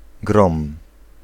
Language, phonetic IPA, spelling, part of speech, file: Polish, [ɡrɔ̃m], grom, noun / verb, Pl-grom.ogg